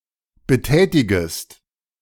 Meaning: second-person singular subjunctive I of betätigen
- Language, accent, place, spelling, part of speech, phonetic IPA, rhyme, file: German, Germany, Berlin, betätigest, verb, [bəˈtɛːtɪɡəst], -ɛːtɪɡəst, De-betätigest.ogg